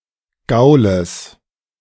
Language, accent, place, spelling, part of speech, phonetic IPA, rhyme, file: German, Germany, Berlin, Gaules, noun, [ˈɡaʊ̯ləs], -aʊ̯ləs, De-Gaules.ogg
- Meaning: genitive of Gaul